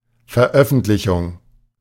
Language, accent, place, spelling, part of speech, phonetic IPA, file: German, Germany, Berlin, Veröffentlichung, noun, [fɛɐ̯ˈʔœfn̩tlɪçʊŋ], De-Veröffentlichung.ogg
- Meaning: 1. release 2. publication